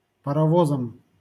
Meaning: instrumental singular of парово́з (parovóz)
- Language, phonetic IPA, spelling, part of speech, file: Russian, [pərɐˈvozəm], паровозом, noun, LL-Q7737 (rus)-паровозом.wav